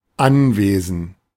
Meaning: property (piece of land with an owner)
- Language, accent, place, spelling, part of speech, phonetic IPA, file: German, Germany, Berlin, Anwesen, noun, [ˈanˌveːzn̩], De-Anwesen.ogg